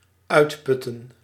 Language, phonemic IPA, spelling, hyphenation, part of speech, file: Dutch, /ˈœy̯tˌpʏ.tə(n)/, uitputten, uit‧put‧ten, verb, Nl-uitputten.ogg
- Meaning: 1. to exhaust, to use up completely, to empty out (a resource) 2. to exhaust, to drain (a person, physically or mentally)